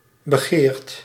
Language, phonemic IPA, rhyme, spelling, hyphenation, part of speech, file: Dutch, /bəˈɣeːrt/, -eːrt, begeerd, be‧geerd, verb, Nl-begeerd.ogg
- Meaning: coveted; past participle of begeren